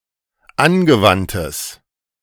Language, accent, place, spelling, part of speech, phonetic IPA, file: German, Germany, Berlin, angewandtes, adjective, [ˈanɡəˌvantəs], De-angewandtes.ogg
- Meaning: strong/mixed nominative/accusative neuter singular of angewandt